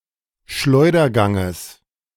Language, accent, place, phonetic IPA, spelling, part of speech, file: German, Germany, Berlin, [ˈʃlɔɪ̯dɐˌɡaŋəs], Schleuderganges, noun, De-Schleuderganges.ogg
- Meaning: genitive singular of Schleudergang